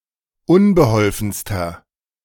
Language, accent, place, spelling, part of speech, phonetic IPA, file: German, Germany, Berlin, unbeholfenster, adjective, [ˈʊnbəˌhɔlfn̩stɐ], De-unbeholfenster.ogg
- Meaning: inflection of unbeholfen: 1. strong/mixed nominative masculine singular superlative degree 2. strong genitive/dative feminine singular superlative degree 3. strong genitive plural superlative degree